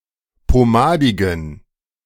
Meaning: inflection of pomadig: 1. strong genitive masculine/neuter singular 2. weak/mixed genitive/dative all-gender singular 3. strong/weak/mixed accusative masculine singular 4. strong dative plural
- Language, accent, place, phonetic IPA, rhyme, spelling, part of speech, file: German, Germany, Berlin, [poˈmaːdɪɡn̩], -aːdɪɡn̩, pomadigen, adjective, De-pomadigen.ogg